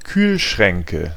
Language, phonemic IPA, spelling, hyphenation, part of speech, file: German, /ˈkyːlˌʃʁɛŋkə/, Kühlschränke, Kühl‧schrän‧ke, noun, De-Kühlschränke.ogg
- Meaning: nominative/accusative/genitive plural of Kühlschrank